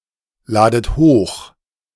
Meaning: inflection of hochladen: 1. second-person plural present 2. second-person plural subjunctive I 3. plural imperative
- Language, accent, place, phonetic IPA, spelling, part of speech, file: German, Germany, Berlin, [ˌlaːdət ˈhoːx], ladet hoch, verb, De-ladet hoch.ogg